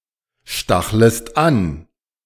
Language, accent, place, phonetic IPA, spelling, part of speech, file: German, Germany, Berlin, [ˌʃtaxləst ˈan], stachlest an, verb, De-stachlest an.ogg
- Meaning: second-person singular subjunctive I of anstacheln